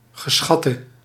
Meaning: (adjective) inflection of geschat: 1. masculine/feminine singular attributive 2. definite neuter singular attributive 3. plural attributive
- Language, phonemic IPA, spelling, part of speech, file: Dutch, /ɣəˈsxɑtə/, geschatte, verb / adjective, Nl-geschatte.ogg